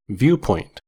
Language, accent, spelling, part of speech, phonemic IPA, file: English, US, viewpoint, noun, /ˈvjuː.pɔɪnt/, En-us-viewpoint.ogg
- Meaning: 1. The position from which something is observed or considered 2. An angle, outlook or point of view